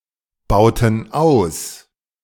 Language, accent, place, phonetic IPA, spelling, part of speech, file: German, Germany, Berlin, [ˌbaʊ̯tn̩ ˈaʊ̯s], bauten aus, verb, De-bauten aus.ogg
- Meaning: inflection of ausbauen: 1. first/third-person plural preterite 2. first/third-person plural subjunctive II